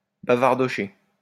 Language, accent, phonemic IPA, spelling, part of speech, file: French, France, /ba.vaʁ.dɔ.ʃe/, bavardocher, verb, LL-Q150 (fra)-bavardocher.wav
- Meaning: to chat, gossip